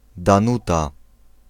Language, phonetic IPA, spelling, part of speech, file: Polish, [dãˈnuta], Danuta, proper noun, Pl-Danuta.ogg